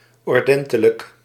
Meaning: orderly
- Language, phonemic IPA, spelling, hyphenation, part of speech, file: Dutch, /ɔrˈdɛn.tə.lək/, ordentelijk, or‧den‧te‧lijk, adjective, Nl-ordentelijk.ogg